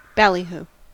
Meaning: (noun) 1. Sensational or clamorous advertising or publicity 2. Noisy shouting or uproar; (verb) To sensationalize or make grand claims
- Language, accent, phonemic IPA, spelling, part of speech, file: English, US, /bæliˈhuː/, ballyhoo, noun / verb, En-us-ballyhoo.ogg